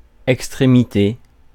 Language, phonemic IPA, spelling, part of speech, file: French, /ɛk.stʁe.mi.te/, extrémité, noun, Fr-extrémité.ogg
- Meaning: 1. extremity 2. tip; end; top (furthermost or highest part) 3. extreme